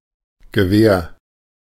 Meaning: 1. rifle, long gun 2. weapon, especially a blunt, bladed or stabbing weapon 3. tusks
- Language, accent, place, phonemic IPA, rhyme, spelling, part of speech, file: German, Germany, Berlin, /ɡəˈveːɐ̯/, -eːɐ̯, Gewehr, noun, De-Gewehr.ogg